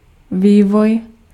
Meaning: development
- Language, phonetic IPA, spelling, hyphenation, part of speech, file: Czech, [ˈviːvoj], vývoj, vý‧voj, noun, Cs-vývoj.ogg